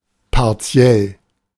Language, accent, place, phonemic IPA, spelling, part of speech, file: German, Germany, Berlin, /paʁˈt͡si̯ɛl/, partiell, adjective, De-partiell.ogg
- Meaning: partial (existing in part)